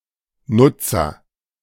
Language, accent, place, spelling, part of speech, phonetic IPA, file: German, Germany, Berlin, Nutzer, noun, [ˈnʊtsɐ], De-Nutzer.ogg
- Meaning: user